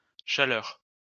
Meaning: plural of chaleur
- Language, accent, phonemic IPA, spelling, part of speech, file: French, France, /ʃa.lœʁ/, chaleurs, noun, LL-Q150 (fra)-chaleurs.wav